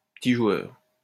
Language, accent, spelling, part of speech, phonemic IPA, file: French, France, petit joueur, noun, /pə.ti ʒwœʁ/, LL-Q150 (fra)-petit joueur.wav
- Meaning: bit player (person who does not take risks and refuse to raise the stakes)